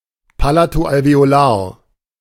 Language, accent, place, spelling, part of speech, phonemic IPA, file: German, Germany, Berlin, palato-alveolar, adjective, /ˈpalatoʔalveoˌlaːɐ̯/, De-palato-alveolar.ogg
- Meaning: palatoalveolar